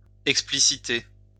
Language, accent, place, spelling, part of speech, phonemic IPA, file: French, France, Lyon, expliciter, verb, /ɛk.spli.si.te/, LL-Q150 (fra)-expliciter.wav
- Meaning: to clarify